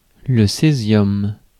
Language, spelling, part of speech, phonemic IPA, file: French, césium, noun, /se.zjɔm/, Fr-césium.ogg
- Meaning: cesium